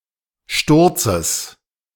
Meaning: genitive singular of Sturz
- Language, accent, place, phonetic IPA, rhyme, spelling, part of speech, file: German, Germany, Berlin, [ˈʃtʊʁt͡səs], -ʊʁt͡səs, Sturzes, noun, De-Sturzes.ogg